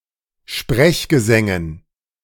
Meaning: dative plural of Sprechgesang
- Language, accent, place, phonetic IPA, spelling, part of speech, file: German, Germany, Berlin, [ˈʃpʁɛçɡəˌzɛŋən], Sprechgesängen, noun, De-Sprechgesängen.ogg